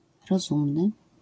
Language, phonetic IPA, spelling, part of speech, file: Polish, [rɔˈzũmnɨ], rozumny, adjective, LL-Q809 (pol)-rozumny.wav